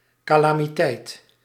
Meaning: large disaster, calamity
- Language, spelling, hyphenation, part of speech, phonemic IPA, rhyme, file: Dutch, calamiteit, ca‧la‧mi‧teit, noun, /ˌkaː.laː.miˈtɛi̯t/, -ɛi̯t, Nl-calamiteit.ogg